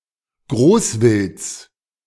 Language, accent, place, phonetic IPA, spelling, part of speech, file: German, Germany, Berlin, [ˈɡʁoːsˌvɪlt͡s], Großwilds, noun, De-Großwilds.ogg
- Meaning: genitive of Großwild